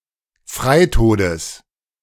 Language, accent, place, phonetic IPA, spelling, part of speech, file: German, Germany, Berlin, [ˈfʁaɪ̯ˌtoːdəs], Freitodes, noun, De-Freitodes.ogg
- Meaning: genitive of Freitod